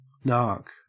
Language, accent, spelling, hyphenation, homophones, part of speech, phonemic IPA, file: English, Australia, narc, narc, nark, noun / verb, /ˈnä̝ːk/, En-au-narc.ogg
- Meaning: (noun) 1. A police officer or federal agent assigned to or engaging in illegal narcotics control 2. Alternative spelling of nark (“spy”); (verb) Alternative spelling of nark